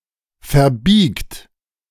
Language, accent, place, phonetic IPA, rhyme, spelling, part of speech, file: German, Germany, Berlin, [fɛɐ̯ˈbiːkt], -iːkt, verbiegt, verb, De-verbiegt.ogg
- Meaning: second-person plural present of verbiegen